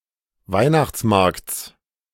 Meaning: genitive singular of Weihnachtsmarkt
- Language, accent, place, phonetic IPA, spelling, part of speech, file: German, Germany, Berlin, [ˈvaɪ̯naxt͡sˌmaʁkt͡s], Weihnachtsmarkts, noun, De-Weihnachtsmarkts.ogg